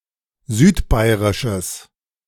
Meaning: strong/mixed nominative/accusative neuter singular of südbairisch
- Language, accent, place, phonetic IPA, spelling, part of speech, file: German, Germany, Berlin, [ˈzyːtˌbaɪ̯ʁɪʃəs], südbairisches, adjective, De-südbairisches.ogg